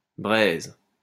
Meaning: 1. embers 2. cash, dough
- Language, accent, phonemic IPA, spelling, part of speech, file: French, France, /bʁɛz/, braise, noun, LL-Q150 (fra)-braise.wav